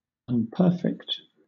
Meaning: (adjective) imperfect; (verb) To mar or destroy the perfection of
- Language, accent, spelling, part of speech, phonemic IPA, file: English, Southern England, unperfect, adjective / verb, /ʌnpəˈfɛkt/, LL-Q1860 (eng)-unperfect.wav